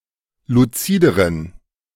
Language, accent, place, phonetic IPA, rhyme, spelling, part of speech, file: German, Germany, Berlin, [luˈt͡siːdəʁən], -iːdəʁən, luzideren, adjective, De-luzideren.ogg
- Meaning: inflection of luzid: 1. strong genitive masculine/neuter singular comparative degree 2. weak/mixed genitive/dative all-gender singular comparative degree